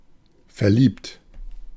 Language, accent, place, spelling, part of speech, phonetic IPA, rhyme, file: German, Germany, Berlin, verliebt, adjective / verb, [fɛɐ̯ˈliːpt], -iːpt, De-verliebt.ogg
- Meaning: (verb) past participle of verlieben; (adjective) in love, enamored; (verb) inflection of verlieben: 1. first-person singular present 2. second-person plural present 3. plural imperative